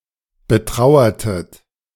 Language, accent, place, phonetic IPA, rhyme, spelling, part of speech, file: German, Germany, Berlin, [bəˈtʁaʊ̯ɐtət], -aʊ̯ɐtət, betrauertet, verb, De-betrauertet.ogg
- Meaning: inflection of betrauern: 1. second-person plural preterite 2. second-person plural subjunctive II